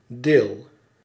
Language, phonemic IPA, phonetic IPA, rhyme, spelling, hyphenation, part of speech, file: Dutch, /deːl/, [deːɫ], -eːl, deel, deel, noun / verb, Nl-deel.ogg
- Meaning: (noun) 1. part, piece 2. volume (of a book or album); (verb) inflection of delen: 1. first-person singular present indicative 2. second-person singular present indicative 3. imperative